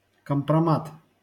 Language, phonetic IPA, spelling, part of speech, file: Russian, [kəmprɐˈmat], компромат, noun, LL-Q7737 (rus)-компромат.wav
- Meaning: kompromat; information damaging a targeted person's reputation; compromising or discrediting evidence, dirt